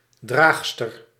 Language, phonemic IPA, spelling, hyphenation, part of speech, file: Dutch, /ˈdraːx.stər/, draagster, draag‧ster, noun, Nl-draagster.ogg
- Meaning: wearer